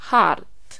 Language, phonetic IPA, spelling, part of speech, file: Polish, [xart], chart, noun, Pl-chart.ogg